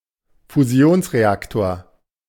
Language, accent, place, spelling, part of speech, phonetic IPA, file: German, Germany, Berlin, Fusionsreaktor, noun, [fuˈzi̯oːnsʁeˌaktoːɐ̯], De-Fusionsreaktor.ogg
- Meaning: fusion reactor